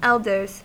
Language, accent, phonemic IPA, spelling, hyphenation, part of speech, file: English, US, /ˈɛldɚz/, elders, el‧ders, noun / verb, En-us-elders.ogg
- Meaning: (noun) plural of elder; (verb) third-person singular simple present indicative of elder